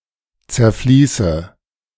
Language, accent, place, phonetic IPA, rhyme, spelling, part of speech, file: German, Germany, Berlin, [t͡sɛɐ̯ˈfliːsə], -iːsə, zerfließe, verb, De-zerfließe.ogg
- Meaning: inflection of zerfließen: 1. first-person singular present 2. first/third-person singular subjunctive I 3. singular imperative